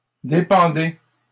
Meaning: inflection of dépendre: 1. second-person plural present indicative 2. second-person plural imperative
- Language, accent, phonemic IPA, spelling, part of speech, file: French, Canada, /de.pɑ̃.de/, dépendez, verb, LL-Q150 (fra)-dépendez.wav